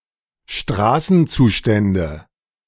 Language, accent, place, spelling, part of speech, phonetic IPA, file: German, Germany, Berlin, Straßenzustände, noun, [ˈʃtʁaːsn̩ˌt͡suːʃtɛndə], De-Straßenzustände.ogg
- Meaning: nominative/accusative/genitive plural of Straßenzustand